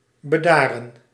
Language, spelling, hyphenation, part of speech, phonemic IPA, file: Dutch, bedaren, be‧da‧ren, verb, /bəˈdaːrə(n)/, Nl-bedaren.ogg
- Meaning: to become calm, to calm down